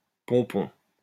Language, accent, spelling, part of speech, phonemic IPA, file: French, France, pompon, noun, /pɔ̃.pɔ̃/, LL-Q150 (fra)-pompon.wav
- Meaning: 1. pompon (bundle of yarn, string, ribbon, etc.) 2. culmination; climax; a very good or bad exemplar or end result